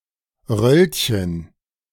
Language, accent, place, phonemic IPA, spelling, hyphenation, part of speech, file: German, Germany, Berlin, /ˈʁœlçən/, Röllchen, Röll‧chen, noun, De-Röllchen.ogg
- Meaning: 1. diminutive of Rolle 2. curl (e.g. of butter, chocolate) 3. roulette